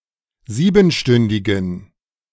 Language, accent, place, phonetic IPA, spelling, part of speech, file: German, Germany, Berlin, [ˈziːbn̩ˌʃtʏndɪɡn̩], siebenstündigen, adjective, De-siebenstündigen.ogg
- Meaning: inflection of siebenstündig: 1. strong genitive masculine/neuter singular 2. weak/mixed genitive/dative all-gender singular 3. strong/weak/mixed accusative masculine singular 4. strong dative plural